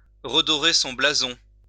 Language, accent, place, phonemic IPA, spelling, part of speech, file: French, France, Lyon, /ʁə.dɔ.ʁe sɔ̃ bla.zɔ̃/, redorer son blason, verb, LL-Q150 (fra)-redorer son blason.wav
- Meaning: 1. for an impoverished aristocrat to marry a farmer-general's daughter in order to regain wealth and status 2. to restore one's image, to restore one's reputation, to regain prestige